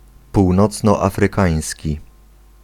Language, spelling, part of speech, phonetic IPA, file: Polish, północnoafrykański, adjective, [ˌpuwnɔt͡snɔafrɨˈkãj̃sʲci], Pl-północnoafrykański.ogg